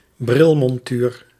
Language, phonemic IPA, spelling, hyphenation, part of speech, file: Dutch, /ˈbrɪl.mɔnˌtyːr/, brilmontuur, bril‧mon‧tuur, noun, Nl-brilmontuur.ogg
- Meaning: a spectacle frame (frame of a pair of glasses)